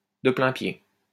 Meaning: 1. on one level 2. walk-in 3. on an equal footing 4. directly, without transition
- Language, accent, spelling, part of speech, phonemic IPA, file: French, France, de plain-pied, adverb, /də plɛ̃.pje/, LL-Q150 (fra)-de plain-pied.wav